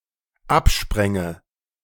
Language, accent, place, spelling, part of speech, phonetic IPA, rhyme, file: German, Germany, Berlin, abspränge, verb, [ˈapˌʃpʁɛŋə], -apʃpʁɛŋə, De-abspränge.ogg
- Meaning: first/third-person singular dependent subjunctive II of abspringen